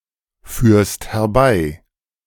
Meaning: second-person singular present of herbeiführen
- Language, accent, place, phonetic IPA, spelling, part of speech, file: German, Germany, Berlin, [ˌfyːɐ̯st hɛɐ̯ˈbaɪ̯], führst herbei, verb, De-führst herbei.ogg